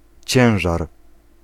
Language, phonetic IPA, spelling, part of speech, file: Polish, [ˈt͡ɕɛ̃w̃ʒar], ciężar, noun, Pl-ciężar.ogg